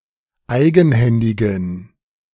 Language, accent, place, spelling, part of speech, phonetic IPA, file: German, Germany, Berlin, eigenhändigen, adjective, [ˈaɪ̯ɡn̩ˌhɛndɪɡn̩], De-eigenhändigen.ogg
- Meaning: inflection of eigenhändig: 1. strong genitive masculine/neuter singular 2. weak/mixed genitive/dative all-gender singular 3. strong/weak/mixed accusative masculine singular 4. strong dative plural